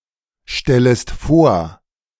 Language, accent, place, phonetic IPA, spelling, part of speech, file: German, Germany, Berlin, [ˌʃtɛləst ˈfoːɐ̯], stellest vor, verb, De-stellest vor.ogg
- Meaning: second-person singular subjunctive I of vorstellen